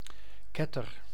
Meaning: heretic
- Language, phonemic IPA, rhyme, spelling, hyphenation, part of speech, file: Dutch, /ˈkɛ.tər/, -ɛtər, ketter, ket‧ter, noun, Nl-ketter.ogg